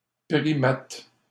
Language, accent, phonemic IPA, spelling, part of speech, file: French, Canada, /pʁi.mat/, primate, noun, LL-Q150 (fra)-primate.wav
- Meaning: 1. primate (mammal) 2. a coarse man (male)